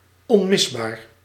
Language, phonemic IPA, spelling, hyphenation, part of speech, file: Dutch, /ɔ(n)ˈmɪsˌbaːr/, onmisbaar, on‧mis‧baar, adjective, Nl-onmisbaar.ogg
- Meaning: indispensable